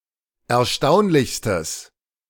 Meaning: strong/mixed nominative/accusative neuter singular superlative degree of erstaunlich
- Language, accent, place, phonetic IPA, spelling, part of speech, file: German, Germany, Berlin, [ɛɐ̯ˈʃtaʊ̯nlɪçstəs], erstaunlichstes, adjective, De-erstaunlichstes.ogg